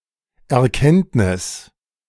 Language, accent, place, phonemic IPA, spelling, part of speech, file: German, Germany, Berlin, /ɛɐ̯ˈkɛntnɪs/, Erkenntnis, noun, De-Erkenntnis.ogg
- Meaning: 1. realization, recognition, insight, perception 2. judgment, court decision, court ruling